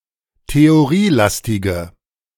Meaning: inflection of theorielastig: 1. strong/mixed nominative/accusative feminine singular 2. strong nominative/accusative plural 3. weak nominative all-gender singular
- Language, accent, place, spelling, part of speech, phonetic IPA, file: German, Germany, Berlin, theorielastige, adjective, [teoˈʁiːˌlastɪɡə], De-theorielastige.ogg